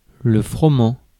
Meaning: 1. wheat, specifically common wheat (Triticum aestivum) 2. (any) cereal (type of grass cultivated for its edible grains)
- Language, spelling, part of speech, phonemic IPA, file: French, froment, noun, /fʁɔ.mɑ̃/, Fr-froment.ogg